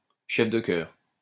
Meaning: choirmaster
- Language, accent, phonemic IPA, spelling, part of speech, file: French, France, /ʃɛf də kœʁ/, chef de chœur, noun, LL-Q150 (fra)-chef de chœur.wav